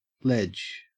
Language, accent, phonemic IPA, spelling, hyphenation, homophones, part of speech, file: English, Australia, /led͡ʒ/, ledge, ledge, lege, noun / verb, En-au-ledge.ogg
- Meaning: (noun) 1. A narrow surface projecting horizontally from a wall, cliff, or other surface 2. A shelf on which articles may be laid 3. A shelf, ridge, or reef, of rocks 4. A layer or stratum